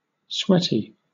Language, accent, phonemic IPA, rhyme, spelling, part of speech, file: English, Southern England, /ˈswɛti/, -ɛti, sweaty, adjective / noun, LL-Q1860 (eng)-sweaty.wav
- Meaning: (adjective) 1. Covered in sweat 2. Having a tendency to sweat 3. Likely to cause one to sweat 4. Caused by sweat 5. Strenuous; laborious; exhausting